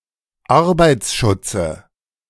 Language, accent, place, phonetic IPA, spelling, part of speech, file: German, Germany, Berlin, [ˈaʁbaɪ̯t͡sˌʃʊt͡sə], Arbeitsschutze, noun, De-Arbeitsschutze.ogg
- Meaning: nominative/accusative/genitive plural of Arbeitsschutz